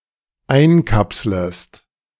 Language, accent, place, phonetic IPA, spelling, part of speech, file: German, Germany, Berlin, [ˈaɪ̯nˌkapsləst], einkapslest, verb, De-einkapslest.ogg
- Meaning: second-person singular dependent subjunctive I of einkapseln